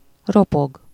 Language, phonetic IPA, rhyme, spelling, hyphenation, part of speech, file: Hungarian, [ˈropoɡ], -oɡ, ropog, ro‧pog, verb, Hu-ropog.ogg
- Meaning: to crunch, crack, crackle